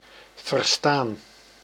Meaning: 1. to understand (language, words), to hear clearly 2. to understand (an idea, meaning), to comprehend 3. past participle of verstaan
- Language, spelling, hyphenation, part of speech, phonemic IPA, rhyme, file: Dutch, verstaan, ver‧staan, verb, /vərˈstaːn/, -aːn, Nl-verstaan.ogg